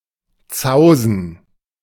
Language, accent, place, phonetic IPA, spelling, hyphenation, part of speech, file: German, Germany, Berlin, [ˈt͡saʊ̯zn̩], zausen, zau‧sen, verb, De-zausen.ogg
- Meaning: to ruffle